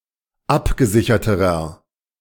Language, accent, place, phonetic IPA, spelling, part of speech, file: German, Germany, Berlin, [ˈapɡəˌzɪçɐtəʁɐ], abgesicherterer, adjective, De-abgesicherterer.ogg
- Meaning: inflection of abgesichert: 1. strong/mixed nominative masculine singular comparative degree 2. strong genitive/dative feminine singular comparative degree 3. strong genitive plural comparative degree